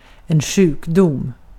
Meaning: 1. disease, illness 2. sickness
- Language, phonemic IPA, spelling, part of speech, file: Swedish, /²ɧʉːkˌdʊm/, sjukdom, noun, Sv-sjukdom.ogg